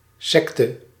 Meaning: 1. cult (socially proscribed and often novel religious group) 2. sect (split-off religious or philosophical group)
- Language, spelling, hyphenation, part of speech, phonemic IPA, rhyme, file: Dutch, sekte, sek‧te, noun, /ˈsɛk.tə/, -ɛktə, Nl-sekte.ogg